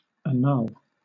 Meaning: 1. To formally revoke the validity of 2. To dissolve (a marital union) on the grounds that it is not valid 3. To cancel out
- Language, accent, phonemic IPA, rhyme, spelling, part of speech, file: English, Southern England, /əˈnʌl/, -ʌl, annul, verb, LL-Q1860 (eng)-annul.wav